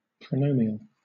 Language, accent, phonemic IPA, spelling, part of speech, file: English, Southern England, /pɹəʊˈnəʊmiəl/, pronomial, adjective, LL-Q1860 (eng)-pronomial.wav
- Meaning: Of, pertaining to, constructed using, or serving the purpose of a pronoun